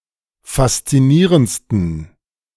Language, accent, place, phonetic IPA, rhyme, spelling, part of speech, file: German, Germany, Berlin, [fast͡siˈniːʁənt͡stn̩], -iːʁənt͡stn̩, faszinierendsten, adjective, De-faszinierendsten.ogg
- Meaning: 1. superlative degree of faszinierend 2. inflection of faszinierend: strong genitive masculine/neuter singular superlative degree